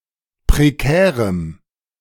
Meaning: strong dative masculine/neuter singular of prekär
- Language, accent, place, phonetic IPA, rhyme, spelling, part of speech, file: German, Germany, Berlin, [pʁeˈkɛːʁəm], -ɛːʁəm, prekärem, adjective, De-prekärem.ogg